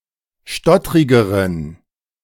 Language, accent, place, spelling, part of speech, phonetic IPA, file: German, Germany, Berlin, stottrigeren, adjective, [ˈʃtɔtʁɪɡəʁən], De-stottrigeren.ogg
- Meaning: inflection of stottrig: 1. strong genitive masculine/neuter singular comparative degree 2. weak/mixed genitive/dative all-gender singular comparative degree